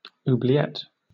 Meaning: A dungeon only accessible by a trapdoor at the top
- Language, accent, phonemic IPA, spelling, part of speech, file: English, Southern England, /uːbliˈɛt/, oubliette, noun, LL-Q1860 (eng)-oubliette.wav